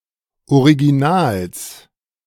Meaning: genitive singular of Original
- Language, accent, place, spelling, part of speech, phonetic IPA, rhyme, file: German, Germany, Berlin, Originals, noun, [oʁiɡiˈnaːls], -aːls, De-Originals.ogg